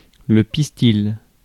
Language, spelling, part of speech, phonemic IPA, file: French, pistil, noun, /pis.til/, Fr-pistil.ogg
- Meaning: pistil